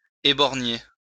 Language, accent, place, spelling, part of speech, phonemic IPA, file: French, France, Lyon, éborgner, verb, /e.bɔʁ.ɲe/, LL-Q150 (fra)-éborgner.wav
- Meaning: to cause to lose an eye, take someone's eye out, have someone's eye out, gouge out an eye